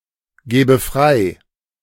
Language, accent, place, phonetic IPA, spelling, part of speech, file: German, Germany, Berlin, [ˌɡɛːbə ˈfʁaɪ̯], gäbe frei, verb, De-gäbe frei.ogg
- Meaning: first/third-person singular subjunctive II of freigeben